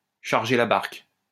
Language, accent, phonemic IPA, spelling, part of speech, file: French, France, /ʃaʁ.ʒe la baʁk/, charger la barque, verb, LL-Q150 (fra)-charger la barque.wav
- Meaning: to be too ambitious, to bite off more than one can chew; to overdo it, to exaggerate